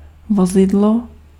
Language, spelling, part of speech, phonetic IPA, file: Czech, vozidlo, noun, [ˈvozɪdlo], Cs-vozidlo.ogg
- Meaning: wheeled land vehicle